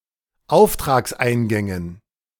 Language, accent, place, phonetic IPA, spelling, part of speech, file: German, Germany, Berlin, [ˈaʊ̯ftʁaːksˌʔaɪ̯nɡɛŋən], Auftragseingängen, noun, De-Auftragseingängen.ogg
- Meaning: dative plural of Auftragseingang